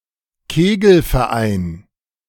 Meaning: bowling club
- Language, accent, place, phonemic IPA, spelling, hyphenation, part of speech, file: German, Germany, Berlin, /ˈkeːɡl̩.fɛɐ̯ˌʔaɪ̯n/, Kegelverein, Ke‧gel‧ver‧ein, noun, De-Kegelverein.ogg